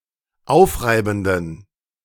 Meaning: inflection of aufreibend: 1. strong genitive masculine/neuter singular 2. weak/mixed genitive/dative all-gender singular 3. strong/weak/mixed accusative masculine singular 4. strong dative plural
- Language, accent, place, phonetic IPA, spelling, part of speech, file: German, Germany, Berlin, [ˈaʊ̯fˌʁaɪ̯bn̩dən], aufreibenden, adjective, De-aufreibenden.ogg